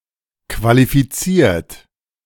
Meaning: 1. past participle of qualifizieren 2. inflection of qualifizieren: third-person singular present 3. inflection of qualifizieren: second-person plural present
- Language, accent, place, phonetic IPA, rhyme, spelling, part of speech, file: German, Germany, Berlin, [kvalifiˈt͡siːɐ̯t], -iːɐ̯t, qualifiziert, adjective / verb, De-qualifiziert.ogg